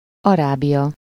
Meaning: Arabia (a peninsula of West Asia between the Red Sea and the Persian Gulf; includes Jordan, Saudi Arabia, Yemen, Oman, Qatar, Bahrain, Kuwait, and the United Arab Emirates)
- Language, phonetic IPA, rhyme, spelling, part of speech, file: Hungarian, [ˈɒraːbijɒ], -ɒ, Arábia, proper noun, Hu-Arábia.ogg